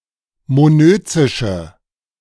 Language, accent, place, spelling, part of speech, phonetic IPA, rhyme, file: German, Germany, Berlin, monözische, adjective, [moˈnøːt͡sɪʃə], -øːt͡sɪʃə, De-monözische.ogg
- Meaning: inflection of monözisch: 1. strong/mixed nominative/accusative feminine singular 2. strong nominative/accusative plural 3. weak nominative all-gender singular